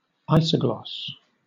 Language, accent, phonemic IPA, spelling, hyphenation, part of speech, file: English, Southern England, /ˈaɪsə(ʊ̯)ɡlɒs/, isogloss, iso‧gloss, noun, LL-Q1860 (eng)-isogloss.wav
- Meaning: A line on a map indicating the geographical boundaries of a linguistic feature